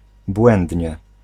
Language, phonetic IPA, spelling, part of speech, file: Polish, [ˈbwɛ̃ndʲɲɛ], błędnie, adverb, Pl-błędnie.ogg